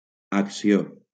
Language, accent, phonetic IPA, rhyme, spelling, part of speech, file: Catalan, Valencia, [ak.siˈo], -o, acció, noun, LL-Q7026 (cat)-acció.wav
- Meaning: 1. action 2. charge, lawsuit 3. share